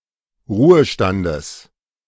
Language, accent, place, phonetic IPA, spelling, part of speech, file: German, Germany, Berlin, [ˈʁuːəˌʃtandəs], Ruhestandes, noun, De-Ruhestandes.ogg
- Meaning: genitive singular of Ruhestand